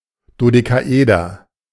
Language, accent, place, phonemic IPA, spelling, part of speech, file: German, Germany, Berlin, /ˌdodekaˈʔeːdɐ/, Dodekaeder, noun, De-Dodekaeder.ogg
- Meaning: dodecahedron